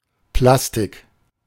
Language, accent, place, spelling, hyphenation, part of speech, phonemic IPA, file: German, Germany, Berlin, Plastik, Plas‧tik, noun, /ˈplastɪk/, De-Plastik.ogg
- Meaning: 1. plastic (synthetic material) 2. sculpture